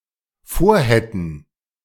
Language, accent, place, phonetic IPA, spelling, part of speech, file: German, Germany, Berlin, [ˈfoːɐ̯ˌhɛtn̩], vorhätten, verb, De-vorhätten.ogg
- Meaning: first/third-person plural dependent subjunctive II of vorhaben